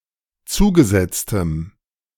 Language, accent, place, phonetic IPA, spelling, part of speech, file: German, Germany, Berlin, [ˈt͡suːɡəˌzɛt͡stəm], zugesetztem, adjective, De-zugesetztem.ogg
- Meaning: strong dative masculine/neuter singular of zugesetzt